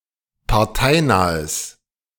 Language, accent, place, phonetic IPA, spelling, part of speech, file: German, Germany, Berlin, [paʁˈtaɪ̯ˌnaːəs], parteinahes, adjective, De-parteinahes.ogg
- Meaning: strong/mixed nominative/accusative neuter singular of parteinah